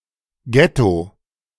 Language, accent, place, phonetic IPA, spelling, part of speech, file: German, Germany, Berlin, [ˈɡɛto], Ghetto, noun, De-Ghetto.ogg
- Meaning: alternative spelling of Getto